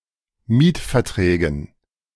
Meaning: dative plural of Mietvertrag
- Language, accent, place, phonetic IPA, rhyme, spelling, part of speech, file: German, Germany, Berlin, [ˈmiːtfɛɐ̯ˌtʁɛːɡn̩], -iːtfɛɐ̯tʁɛːɡn̩, Mietverträgen, noun, De-Mietverträgen.ogg